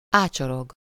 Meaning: to loiter (to stand idly, staring, without a visible purpose, or waiting for something for a long time)
- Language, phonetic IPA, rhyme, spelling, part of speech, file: Hungarian, [ˈaːt͡ʃoroɡ], -oɡ, ácsorog, verb, Hu-ácsorog.ogg